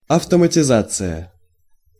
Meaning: automation (converting the controlling of a machine to an automatic system)
- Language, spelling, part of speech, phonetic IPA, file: Russian, автоматизация, noun, [ɐftəmətʲɪˈzat͡sɨjə], Ru-автоматизация.ogg